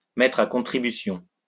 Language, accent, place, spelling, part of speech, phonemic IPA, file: French, France, Lyon, mettre à contribution, verb, /mɛ.tʁ‿a kɔ̃.tʁi.by.sjɔ̃/, LL-Q150 (fra)-mettre à contribution.wav
- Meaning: to rope in (someone); to harness (something)